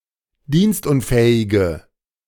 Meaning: inflection of dienstunfähig: 1. strong/mixed nominative/accusative feminine singular 2. strong nominative/accusative plural 3. weak nominative all-gender singular
- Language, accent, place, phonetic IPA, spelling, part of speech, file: German, Germany, Berlin, [ˈdiːnstˌʔʊnfɛːɪɡə], dienstunfähige, adjective, De-dienstunfähige.ogg